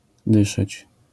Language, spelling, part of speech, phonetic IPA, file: Polish, dyszeć, verb, [ˈdɨʃɛt͡ɕ], LL-Q809 (pol)-dyszeć.wav